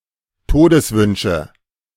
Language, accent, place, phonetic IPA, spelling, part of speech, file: German, Germany, Berlin, [ˈtoːdəsˌvʏnʃə], Todeswünsche, noun, De-Todeswünsche.ogg
- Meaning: nominative/accusative/genitive plural of Todeswunsch